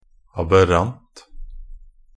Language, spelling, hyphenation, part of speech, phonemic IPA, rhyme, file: Norwegian Bokmål, aberrant, ab‧err‧ant, adjective / noun, /abəˈrant/, -ant, Nb-aberrant.ogg
- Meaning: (adjective) aberrant (deviating from the ordinary or natural type; exceptional; abnormal)